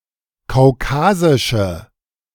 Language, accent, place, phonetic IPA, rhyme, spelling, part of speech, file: German, Germany, Berlin, [kaʊ̯ˈkaːzɪʃə], -aːzɪʃə, kaukasische, adjective, De-kaukasische.ogg
- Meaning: inflection of kaukasisch: 1. strong/mixed nominative/accusative feminine singular 2. strong nominative/accusative plural 3. weak nominative all-gender singular